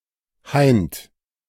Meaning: tonight
- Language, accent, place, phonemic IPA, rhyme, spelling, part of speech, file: German, Germany, Berlin, /haɪ̯nt/, -aɪ̯nt, heint, adverb, De-heint.ogg